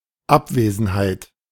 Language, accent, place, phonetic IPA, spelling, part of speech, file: German, Germany, Berlin, [ˈapˌveːzn̩haɪ̯t], Abwesenheit, noun, De-Abwesenheit.ogg
- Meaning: absence (state of being absent)